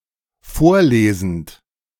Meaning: present participle of vorlesen
- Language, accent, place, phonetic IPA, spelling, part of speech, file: German, Germany, Berlin, [ˈfoːɐ̯ˌleːzn̩t], vorlesend, verb, De-vorlesend.ogg